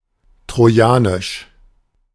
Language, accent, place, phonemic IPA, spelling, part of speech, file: German, Germany, Berlin, /tʁoˈjaːnɪʃ/, trojanisch, adjective, De-trojanisch.ogg
- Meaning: Trojan